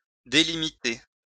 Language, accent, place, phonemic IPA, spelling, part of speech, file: French, France, Lyon, /de.li.mi.te/, délimiter, verb, LL-Q150 (fra)-délimiter.wav
- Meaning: 1. to delimit (make or form the limits or boundaries of) 2. to outline; delineate